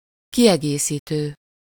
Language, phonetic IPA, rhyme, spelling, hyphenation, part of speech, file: Hungarian, [ˈkijɛɡeːsiːtøː], -tøː, kiegészítő, ki‧egé‧szí‧tő, verb / adjective / noun, Hu-kiegészítő.ogg
- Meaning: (verb) present participle of kiegészít; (adjective) complementary, supplemental, supplementary, auxiliary, additional; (noun) 1. complement, supplement 2. complement 3. accessory